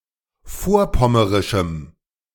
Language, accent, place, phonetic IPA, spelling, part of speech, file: German, Germany, Berlin, [ˈfoːɐ̯ˌpɔməʁɪʃm̩], vorpommerischem, adjective, De-vorpommerischem.ogg
- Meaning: strong dative masculine/neuter singular of vorpommerisch